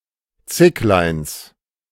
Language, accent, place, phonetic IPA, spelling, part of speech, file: German, Germany, Berlin, [ˈt͡sɪklaɪ̯ns], Zickleins, noun, De-Zickleins.ogg
- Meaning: genitive singular of Zicklein